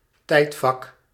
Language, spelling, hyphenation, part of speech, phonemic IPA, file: Dutch, tijdvak, tijd‧vak, noun, /ˈtɛi̯tfɑk/, Nl-tijdvak.ogg
- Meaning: 1. a (long) period of time, notably one of the chronological divisions of history, natural history etc 2. an age, era, the period something exists, thrives etc